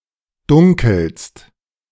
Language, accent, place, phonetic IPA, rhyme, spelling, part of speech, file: German, Germany, Berlin, [ˈdʊŋkl̩st], -ʊŋkl̩st, dunkelst, verb, De-dunkelst.ogg
- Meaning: second-person singular present of dunkeln